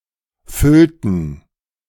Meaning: inflection of füllen: 1. first/third-person plural preterite 2. first/third-person plural subjunctive II
- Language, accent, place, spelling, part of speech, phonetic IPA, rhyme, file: German, Germany, Berlin, füllten, verb, [ˈfʏltn̩], -ʏltn̩, De-füllten.ogg